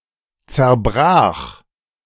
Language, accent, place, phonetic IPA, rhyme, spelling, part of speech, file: German, Germany, Berlin, [t͡sɛɐ̯ˈbʁaːx], -aːx, zerbrach, verb, De-zerbrach.ogg
- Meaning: first/third-person singular preterite of zerbrechen